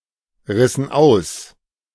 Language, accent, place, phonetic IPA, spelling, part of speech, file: German, Germany, Berlin, [ˌʁɪsn̩ ˈaʊ̯s], rissen aus, verb, De-rissen aus.ogg
- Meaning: inflection of ausreißen: 1. first/third-person plural preterite 2. first/third-person plural subjunctive II